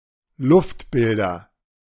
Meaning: nominative/accusative/genitive plural of Luftbild
- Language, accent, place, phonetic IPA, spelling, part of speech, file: German, Germany, Berlin, [ˈlʊftˌbɪldɐ], Luftbilder, noun, De-Luftbilder.ogg